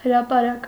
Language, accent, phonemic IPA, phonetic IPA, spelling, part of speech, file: Armenian, Eastern Armenian, /h(ə)ɾɑpɑˈɾɑk/, [h(ə)ɾɑpɑɾɑ́k], հրապարակ, noun, Hy-հրապարակ.ogg
- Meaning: 1. square, piazza 2. public place, meeting place; market, marketplace 3. specifically the Republic Square, Yerevan